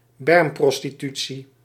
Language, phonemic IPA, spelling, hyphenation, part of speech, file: Dutch, /ˈbɛrmprɔstiˌty(t)si/, bermprostitutie, berm‧pros‧ti‧tu‧tie, noun, Nl-bermprostitutie.ogg
- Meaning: roadside prostitution (prostitution that is advertised on the side of highways and other major roads)